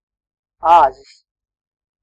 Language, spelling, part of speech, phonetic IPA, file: Latvian, āzis, noun, [âːzis], Lv-āzis.ogg
- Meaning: male goat, billy goat, buck